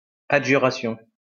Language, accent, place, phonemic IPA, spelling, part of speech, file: French, France, Lyon, /a.dʒy.ʁa.sjɔ̃/, adjuration, noun, LL-Q150 (fra)-adjuration.wav
- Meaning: adjuration